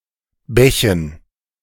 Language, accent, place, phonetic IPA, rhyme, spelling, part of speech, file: German, Germany, Berlin, [ˈbɛçn̩], -ɛçn̩, Bächen, noun, De-Bächen.ogg
- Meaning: dative plural of Bach